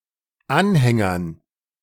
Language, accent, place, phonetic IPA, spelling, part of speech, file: German, Germany, Berlin, [ˈanˌhɛŋɐn], Anhängern, noun, De-Anhängern.ogg
- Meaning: dative plural of Anhänger